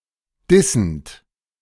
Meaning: present participle of dissen
- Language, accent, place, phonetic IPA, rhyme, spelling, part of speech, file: German, Germany, Berlin, [ˈdɪsn̩t], -ɪsn̩t, dissend, verb, De-dissend.ogg